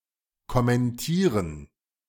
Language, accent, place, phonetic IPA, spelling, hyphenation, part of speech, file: German, Germany, Berlin, [kɔmɛnˈtiːʁən], kommentieren, kom‧men‧tie‧ren, verb, De-kommentieren.ogg
- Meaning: 1. to comment 2. to comment on